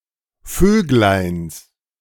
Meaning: genitive of Vöglein
- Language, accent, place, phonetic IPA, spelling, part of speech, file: German, Germany, Berlin, [ˈføːɡlaɪ̯ns], Vögleins, noun, De-Vögleins.ogg